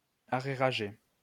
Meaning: to be in arrears
- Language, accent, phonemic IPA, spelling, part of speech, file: French, France, /a.ʁe.ʁa.ʒe/, arrérager, verb, LL-Q150 (fra)-arrérager.wav